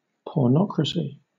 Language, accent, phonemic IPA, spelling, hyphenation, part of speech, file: English, Southern England, /pɔːˈnɒkɹəsɪ/, pornocracy, por‧no‧cra‧cy, proper noun / noun, LL-Q1860 (eng)-pornocracy.wav